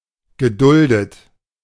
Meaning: 1. past participle of dulden 2. past participle of gedulden 3. inflection of gedulden: third-person singular present 4. inflection of gedulden: second-person plural present
- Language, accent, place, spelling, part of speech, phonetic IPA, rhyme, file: German, Germany, Berlin, geduldet, verb, [ɡəˈdʊldət], -ʊldət, De-geduldet.ogg